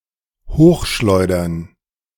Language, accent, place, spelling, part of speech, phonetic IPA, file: German, Germany, Berlin, hochschleudern, verb, [ˈhoːxˌʃlɔɪ̯dɐn], De-hochschleudern.ogg
- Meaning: to throw up, to fling or hurl up high